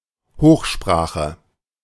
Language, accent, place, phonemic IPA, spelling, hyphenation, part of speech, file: German, Germany, Berlin, /ˈhoːxˌʃpʁaːxə/, Hochsprache, Hoch‧spra‧che, noun, De-Hochsprache.ogg
- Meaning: 1. standard language 2. high-level language, HLL